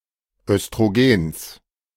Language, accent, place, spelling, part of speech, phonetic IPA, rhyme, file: German, Germany, Berlin, Östrogens, noun, [œstʁoˈɡeːns], -eːns, De-Östrogens.ogg
- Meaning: genitive singular of Östrogen